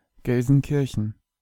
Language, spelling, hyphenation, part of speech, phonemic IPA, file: German, Gelsenkirchen, Gel‧sen‧kir‧chen, proper noun, /ˌɡɛlzənˈkɪrçən/, De-Gelsenkirchen.ogg
- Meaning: Gelsenkirchen (an independent city in Ruhr Area, North Rhine-Westphalia, in western Germany)